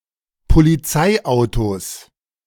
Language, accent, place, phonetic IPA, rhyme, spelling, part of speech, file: German, Germany, Berlin, [ˌpoliˈt͡saɪ̯ˌʔaʊ̯tos], -aɪ̯ʔaʊ̯tos, Polizeiautos, noun, De-Polizeiautos.ogg
- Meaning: 1. genitive singular of Polizeiauto 2. plural of Polizeiauto